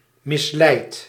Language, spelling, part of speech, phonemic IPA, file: Dutch, misleid, verb / adjective, /mɪsˈlɛit/, Nl-misleid.ogg
- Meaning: inflection of misleiden: 1. first-person singular present indicative 2. second-person singular present indicative 3. imperative